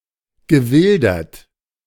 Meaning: past participle of wildern
- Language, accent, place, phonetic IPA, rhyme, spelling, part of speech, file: German, Germany, Berlin, [ɡəˈvɪldɐt], -ɪldɐt, gewildert, verb, De-gewildert.ogg